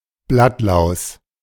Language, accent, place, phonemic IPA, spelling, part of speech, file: German, Germany, Berlin, /ˈblatlaʊ̯s/, Blattlaus, noun, De-Blattlaus.ogg
- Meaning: aphid